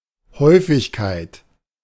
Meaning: frequency (rate of occurrence of anything; property of occurring often rather than infrequently)
- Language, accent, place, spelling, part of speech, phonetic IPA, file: German, Germany, Berlin, Häufigkeit, noun, [ˈhɔʏ̯fɪçkaɪ̯t], De-Häufigkeit.ogg